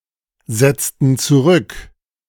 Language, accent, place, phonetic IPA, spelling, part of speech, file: German, Germany, Berlin, [ˌzɛt͡stn̩ t͡suˈʁʏk], setzten zurück, verb, De-setzten zurück.ogg
- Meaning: inflection of zurücksetzen: 1. first/third-person plural preterite 2. first/third-person plural subjunctive II